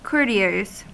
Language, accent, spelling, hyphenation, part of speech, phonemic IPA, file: English, US, courtiers, cour‧ti‧ers, noun, /ˈkɔɹtiɚz/, En-us-courtiers.ogg
- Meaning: plural of courtier